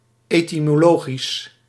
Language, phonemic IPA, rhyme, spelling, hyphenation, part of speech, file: Dutch, /ˌeːtimoːˈloːɣis/, -oːɣis, etymologisch, ety‧mo‧lo‧gisch, adjective, Nl-etymologisch.ogg
- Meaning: etymological